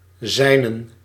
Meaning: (pronoun) personal plural of zijne; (determiner) 1. accusative/dative masculine of zijn 2. dative neuter/plural of zijn
- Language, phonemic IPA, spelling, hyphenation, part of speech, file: Dutch, /ˈzɛi̯.nə(n)/, zijnen, zij‧nen, pronoun / determiner, Nl-zijnen.ogg